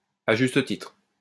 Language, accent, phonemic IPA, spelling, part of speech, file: French, France, /a ʒys.t(ə) titʁ/, à juste titre, adverb, LL-Q150 (fra)-à juste titre.wav
- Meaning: justly, rightly (so), justifiably